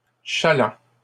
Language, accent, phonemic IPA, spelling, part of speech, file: French, Canada, /ʃa.lɑ̃/, chalands, noun, LL-Q150 (fra)-chalands.wav
- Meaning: plural of chaland